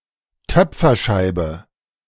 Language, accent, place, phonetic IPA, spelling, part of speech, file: German, Germany, Berlin, [ˈtœp͡fɐˌʃaɪ̯bə], Töpferscheibe, noun, De-Töpferscheibe.ogg
- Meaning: potter's wheel